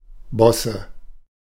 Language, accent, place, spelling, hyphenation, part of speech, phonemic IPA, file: German, Germany, Berlin, Bosse, Bos‧se, noun, /ˈbɔsə/, De-Bosse.ogg
- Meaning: 1. bossage 2. nominative/accusative/genitive plural of Boss